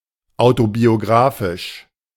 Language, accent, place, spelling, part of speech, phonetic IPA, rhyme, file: German, Germany, Berlin, autobiographisch, adjective, [ˌaʊ̯tobioˈɡʁaːfɪʃ], -aːfɪʃ, De-autobiographisch.ogg
- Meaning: alternative form of autobiografisch